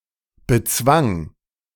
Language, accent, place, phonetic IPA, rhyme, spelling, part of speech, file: German, Germany, Berlin, [bəˈt͡svaŋ], -aŋ, bezwang, verb, De-bezwang.ogg
- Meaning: first/third-person singular preterite of bezwingen